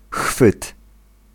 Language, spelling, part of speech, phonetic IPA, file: Polish, chwyt, noun, [xfɨt], Pl-chwyt.ogg